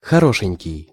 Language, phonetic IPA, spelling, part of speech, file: Russian, [xɐˈroʂɨnʲkʲɪj], хорошенький, adjective, Ru-хорошенький.ogg
- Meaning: 1. pretty, comely, pin-up 2. adorable (befitting of being adored)